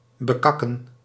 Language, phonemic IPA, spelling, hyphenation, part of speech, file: Dutch, /bəˈkɑkə(n)/, bekakken, be‧kak‧ken, verb, Nl-bekakken.ogg
- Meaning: to shit on